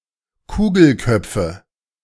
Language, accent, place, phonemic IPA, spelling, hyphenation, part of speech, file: German, Germany, Berlin, /ˈkuːɡl̩ˌkœp͡fə/, Kugelköpfe, Ku‧gel‧köp‧fe, noun, De-Kugelköpfe.ogg
- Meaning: nominative/accusative/genitive plural of Kugelkopf